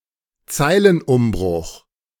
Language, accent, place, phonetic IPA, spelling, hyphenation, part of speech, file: German, Germany, Berlin, [ˈt͡saɪ̯lənˌʔʊmbʁʊx], Zeilenumbruch, Zei‧len‧um‧bruch, noun, De-Zeilenumbruch.ogg
- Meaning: line break